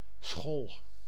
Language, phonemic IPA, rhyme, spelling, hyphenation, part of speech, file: Dutch, /sxɔl/, -ɔl, schol, schol, noun / interjection, Nl-schol.ogg
- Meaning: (noun) 1. floating plate (e.g. ice floe or tectonic plate) 2. floating plate (e.g. ice floe or tectonic plate): ice floe 3. sod, clod, turf (lump of earth, sometimes with vegetation)